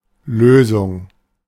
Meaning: 1. solution (answer to a riddle or problem) 2. solution (solvent + solute; action of dissolving) 3. cancellation 4. breaking away
- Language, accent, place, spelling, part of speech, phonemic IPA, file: German, Germany, Berlin, Lösung, noun, /ˈløːzʊŋ/, De-Lösung.ogg